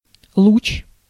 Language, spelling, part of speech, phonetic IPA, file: Russian, луч, noun, [ɫut͡ɕ], Ru-луч.ogg
- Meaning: 1. ray, beam 2. radius bone